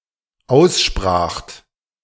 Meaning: second-person plural dependent preterite of aussprechen
- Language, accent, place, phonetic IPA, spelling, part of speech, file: German, Germany, Berlin, [ˈaʊ̯sˌʃpʁaːxt], ausspracht, verb, De-ausspracht.ogg